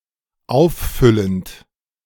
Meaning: present participle of auffüllen
- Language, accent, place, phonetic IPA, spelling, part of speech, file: German, Germany, Berlin, [ˈaʊ̯fˌfʏlənt], auffüllend, verb, De-auffüllend.ogg